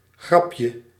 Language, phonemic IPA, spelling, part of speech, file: Dutch, /ˈɣrɑpjə/, grapje, noun, Nl-grapje.ogg
- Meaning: diminutive of grap